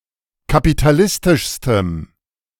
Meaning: strong dative masculine/neuter singular superlative degree of kapitalistisch
- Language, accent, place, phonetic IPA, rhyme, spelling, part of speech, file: German, Germany, Berlin, [kapitaˈlɪstɪʃstəm], -ɪstɪʃstəm, kapitalistischstem, adjective, De-kapitalistischstem.ogg